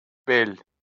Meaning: 1. back of the body 2. small of the back 3. waist 4. saddleback, saddle, col 5. spade
- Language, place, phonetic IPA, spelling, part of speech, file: Azerbaijani, Baku, [bel], bel, noun, LL-Q9292 (aze)-bel.wav